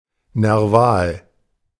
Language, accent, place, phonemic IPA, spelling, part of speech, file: German, Germany, Berlin, /nɛʁˈvaːl/, nerval, adjective, De-nerval.ogg
- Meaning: neural